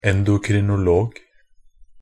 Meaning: an endocrinologist (a person who is skilled at, or practices, endocrinology.)
- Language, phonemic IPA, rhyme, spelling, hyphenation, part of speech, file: Norwegian Bokmål, /ɛndʊkrɪnʊˈloːɡ/, -oːɡ, endokrinolog, en‧do‧kri‧no‧log, noun, Nb-endokrinolog.ogg